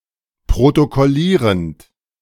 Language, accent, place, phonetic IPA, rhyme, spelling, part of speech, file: German, Germany, Berlin, [pʁotokɔˈliːʁənt], -iːʁənt, protokollierend, verb, De-protokollierend.ogg
- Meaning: present participle of protokollieren